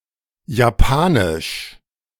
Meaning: the Japanese language
- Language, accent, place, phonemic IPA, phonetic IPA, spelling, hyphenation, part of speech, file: German, Germany, Berlin, /jaˈpaːnɪʃ/, [jaˈpʰaːnɪʃ], Japanisch, Ja‧pa‧nisch, proper noun, De-Japanisch2.ogg